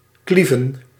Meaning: 1. to cleave, to cut 2. to cut through (waves)
- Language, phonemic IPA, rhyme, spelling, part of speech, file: Dutch, /ˈklivən/, -ivən, klieven, verb, Nl-klieven.ogg